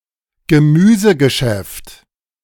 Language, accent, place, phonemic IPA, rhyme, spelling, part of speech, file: German, Germany, Berlin, /ɡəˈmyːzəɡəʃɛft/, -ɛft, Gemüsegeschäft, noun, De-Gemüsegeschäft.ogg
- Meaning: greengrocery, a greengrocer's shop